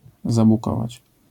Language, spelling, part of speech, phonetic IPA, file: Polish, zabukować, verb, [ˌzabuˈkɔvat͡ɕ], LL-Q809 (pol)-zabukować.wav